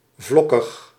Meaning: flaky, consisting of flakes
- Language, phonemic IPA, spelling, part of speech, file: Dutch, /ˈvlɔkəx/, vlokkig, adjective, Nl-vlokkig.ogg